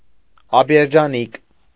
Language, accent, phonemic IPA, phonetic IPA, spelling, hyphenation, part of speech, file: Armenian, Eastern Armenian, /ɑpeɾd͡ʒɑˈnik/, [ɑpeɾd͡ʒɑník], ապերջանիկ, ա‧պեր‧ջա‧նիկ, adjective, Hy-ապերջանիկ.ogg
- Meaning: unhappy